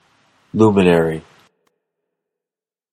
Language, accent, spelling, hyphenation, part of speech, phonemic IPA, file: English, US, luminary, lu‧min‧a‧ry, noun, /ˈluməˌnɛɹi/, En-us-luminary.flac
- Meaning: 1. One who is an inspiration to others; one who has achieved success in one's chosen field; a leading light 2. A body that gives light; especially, one of the heavenly bodies